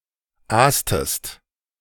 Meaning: inflection of aasen: 1. second-person singular preterite 2. second-person singular subjunctive II
- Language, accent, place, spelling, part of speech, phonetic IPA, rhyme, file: German, Germany, Berlin, aastest, verb, [ˈaːstəst], -aːstəst, De-aastest.ogg